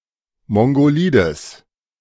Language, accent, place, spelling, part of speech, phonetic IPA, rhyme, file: German, Germany, Berlin, mongolides, adjective, [ˌmɔŋɡoˈliːdəs], -iːdəs, De-mongolides.ogg
- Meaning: strong/mixed nominative/accusative neuter singular of mongolid